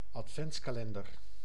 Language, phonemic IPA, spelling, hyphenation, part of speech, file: Dutch, /ɑtˈfɛnts.kaːˌlɛn.dər/, adventskalender, ad‧vents‧ka‧len‧der, noun, Nl-adventskalender.ogg
- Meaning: Advent calendar